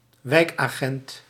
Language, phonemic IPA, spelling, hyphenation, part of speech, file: Dutch, /ˈʋɛi̯k.aːˌɣɛnt/, wijkagent, wijk‧agent, noun, Nl-wijkagent.ogg
- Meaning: community policeman, community police officer